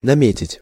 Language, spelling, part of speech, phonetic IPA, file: Russian, наметить, verb, [nɐˈmʲetʲɪtʲ], Ru-наметить.ogg
- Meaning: 1. to design, to plan, to contemplate, to lay down (a program) 2. to select, to nominate 3. to mark, to make a mark on